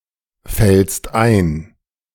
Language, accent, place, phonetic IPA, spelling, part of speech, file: German, Germany, Berlin, [ˌfɛlst ˈaɪ̯n], fällst ein, verb, De-fällst ein.ogg
- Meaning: second-person singular present of einfallen